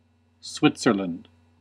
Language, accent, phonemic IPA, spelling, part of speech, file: English, US, /ˈswɪtsɚlənd/, Switzerland, proper noun / noun, En-us-Switzerland.ogg
- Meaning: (proper noun) A country in Western Europe and Central Europe. Official name: Swiss Confederation. Capital: Bern (de facto); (noun) A neutral party in a dispute; one who does not take sides